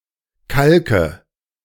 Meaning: nominative/accusative/genitive plural of Kalk
- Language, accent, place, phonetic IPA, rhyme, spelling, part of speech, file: German, Germany, Berlin, [ˈkalkə], -alkə, Kalke, noun, De-Kalke.ogg